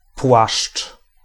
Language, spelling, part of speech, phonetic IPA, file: Polish, płaszcz, noun / verb, [pwaʃt͡ʃ], Pl-płaszcz.ogg